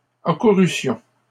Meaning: first-person plural imperfect subjunctive of accourir
- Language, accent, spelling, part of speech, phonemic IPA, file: French, Canada, accourussions, verb, /a.ku.ʁy.sjɔ̃/, LL-Q150 (fra)-accourussions.wav